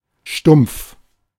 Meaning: stump, stub
- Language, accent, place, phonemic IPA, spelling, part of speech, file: German, Germany, Berlin, /ʃtʊm(p)f/, Stumpf, noun, De-Stumpf.ogg